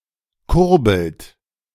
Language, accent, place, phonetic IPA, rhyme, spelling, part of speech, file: German, Germany, Berlin, [ˈkʊʁbl̩t], -ʊʁbl̩t, kurbelt, verb, De-kurbelt.ogg
- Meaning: inflection of kurbeln: 1. second-person plural present 2. third-person singular present 3. plural imperative